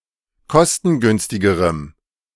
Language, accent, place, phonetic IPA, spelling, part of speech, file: German, Germany, Berlin, [ˈkɔstn̩ˌɡʏnstɪɡəʁəm], kostengünstigerem, adjective, De-kostengünstigerem.ogg
- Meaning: strong dative masculine/neuter singular comparative degree of kostengünstig